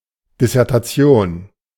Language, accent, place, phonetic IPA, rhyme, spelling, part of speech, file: German, Germany, Berlin, [dɪsɛʁtaˈt͡si̯oːn], -oːn, Dissertation, noun, De-Dissertation.ogg
- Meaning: dissertation (for a doctoral degree)